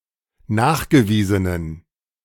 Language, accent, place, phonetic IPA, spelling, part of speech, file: German, Germany, Berlin, [ˈnaːxɡəˌviːzənən], nachgewiesenen, adjective, De-nachgewiesenen.ogg
- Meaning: inflection of nachgewiesen: 1. strong genitive masculine/neuter singular 2. weak/mixed genitive/dative all-gender singular 3. strong/weak/mixed accusative masculine singular 4. strong dative plural